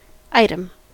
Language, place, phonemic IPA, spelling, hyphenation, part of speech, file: English, California, /ˈaɪ.təm/, item, i‧tem, noun / verb / adverb, En-us-item.ogg
- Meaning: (noun) 1. A distinct physical object 2. An object that can be picked up for later use 3. A line of text having a legal or other meaning; a separate particular in an account